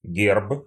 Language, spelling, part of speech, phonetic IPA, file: Russian, герб, noun, [ɡʲerp], Ru-герб.ogg
- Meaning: coat of arms